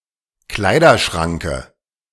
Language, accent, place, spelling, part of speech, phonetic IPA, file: German, Germany, Berlin, Kleiderschranke, noun, [ˈklaɪ̯dɐˌʃʁaŋkə], De-Kleiderschranke.ogg
- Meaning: dative singular of Kleiderschrank